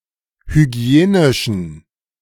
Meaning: inflection of hygienisch: 1. strong genitive masculine/neuter singular 2. weak/mixed genitive/dative all-gender singular 3. strong/weak/mixed accusative masculine singular 4. strong dative plural
- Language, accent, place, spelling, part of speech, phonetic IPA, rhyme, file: German, Germany, Berlin, hygienischen, adjective, [hyˈɡi̯eːnɪʃn̩], -eːnɪʃn̩, De-hygienischen.ogg